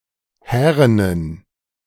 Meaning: inflection of hären: 1. strong genitive masculine/neuter singular 2. weak/mixed genitive/dative all-gender singular 3. strong/weak/mixed accusative masculine singular 4. strong dative plural
- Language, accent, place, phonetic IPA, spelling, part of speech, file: German, Germany, Berlin, [ˈhɛːʁənən], härenen, adjective, De-härenen.ogg